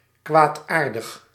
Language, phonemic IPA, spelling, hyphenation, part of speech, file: Dutch, /ˈkʋaːtˌaːr.dəx/, kwaadaardig, kwaad‧aar‧dig, adjective, Nl-kwaadaardig.ogg
- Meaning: 1. malignant 2. malicious